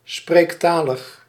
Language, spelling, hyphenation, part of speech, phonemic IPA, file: Dutch, spreektalig, spreek‧ta‧lig, adjective, /spreːk.taː.ləx/, Nl-spreektalig.ogg
- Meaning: vernacular, colloquial, pertaining to spoken language